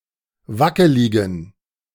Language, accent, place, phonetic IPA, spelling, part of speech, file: German, Germany, Berlin, [ˈvakəlɪɡn̩], wackeligen, adjective, De-wackeligen.ogg
- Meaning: inflection of wackelig: 1. strong genitive masculine/neuter singular 2. weak/mixed genitive/dative all-gender singular 3. strong/weak/mixed accusative masculine singular 4. strong dative plural